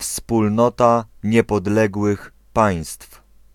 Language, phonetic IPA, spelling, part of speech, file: Polish, [fspulˈnɔta ˌɲɛpɔˈdlɛɡwɨx ˈpãj̃stf], Wspólnota Niepodległych Państw, proper noun, Pl-Wspólnota Niepodległych Państw.ogg